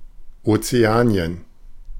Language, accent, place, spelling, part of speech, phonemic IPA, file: German, Germany, Berlin, Ozeanien, proper noun, /ˌot͡seˈaːniən/, De-Ozeanien.ogg
- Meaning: Oceania ({{place|en|A <> composed of the islands of the central and southern Pacific Ocean, principally divided into Melanesia, Micronesia and Polynesia)